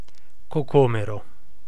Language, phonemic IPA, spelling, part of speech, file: Italian, /koˈkomero/, cocomero, noun, It-cocomero.ogg